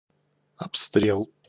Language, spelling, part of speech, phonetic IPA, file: Russian, обстрел, noun, [ɐpˈstrʲeɫ], Ru-обстрел.ogg
- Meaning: firing, fire